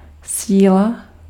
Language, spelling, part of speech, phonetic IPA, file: Czech, síla, noun, [ˈsiːla], Cs-síla.ogg
- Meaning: 1. strength 2. force 3. power